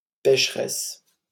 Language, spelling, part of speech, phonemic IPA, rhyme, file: French, pècheresse, adjective / noun, /pɛʃ.ʁɛs/, -ɛs, LL-Q150 (fra)-pècheresse.wav
- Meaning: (adjective) feminine singular of pécheur; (noun) female equivalent of pécheur: (female) sinner